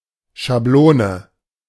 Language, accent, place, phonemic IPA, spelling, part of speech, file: German, Germany, Berlin, /ʃaˈbloːnə/, Schablone, noun, De-Schablone.ogg
- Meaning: 1. template, stencil (physical object used for replicating outlines) 2. template, pattern, mould (generic model which other objects are based on or derived from)